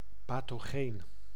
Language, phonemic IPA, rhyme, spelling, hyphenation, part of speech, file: Dutch, /ˌpɑ.toːˈɣeːn/, -eːn, pathogeen, pa‧tho‧geen, adjective / noun, Nl-pathogeen.ogg
- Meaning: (adjective) pathogenic; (noun) a pathogen